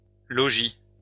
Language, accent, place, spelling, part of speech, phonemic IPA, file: French, France, Lyon, -logie, suffix, /lɔ.ʒi/, LL-Q150 (fra)--logie.wav
- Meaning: -logy